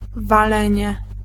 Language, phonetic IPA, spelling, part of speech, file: Polish, [vaˈlɛ̃ɲɛ], walenie, noun, Pl-walenie.ogg